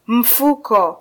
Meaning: 1. bag 2. purse 3. pocket
- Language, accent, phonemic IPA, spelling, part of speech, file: Swahili, Kenya, /m̩ˈfu.kɔ/, mfuko, noun, Sw-ke-mfuko.flac